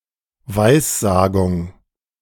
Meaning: prophecy
- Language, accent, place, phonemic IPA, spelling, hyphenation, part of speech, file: German, Germany, Berlin, /ˈvaɪ̯sˌzaːɡʊŋ/, Weissagung, Weis‧sa‧gung, noun, De-Weissagung.ogg